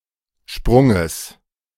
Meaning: genitive singular of Sprung
- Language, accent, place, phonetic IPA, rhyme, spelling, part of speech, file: German, Germany, Berlin, [ˈʃpʁʊŋəs], -ʊŋəs, Sprunges, noun, De-Sprunges.ogg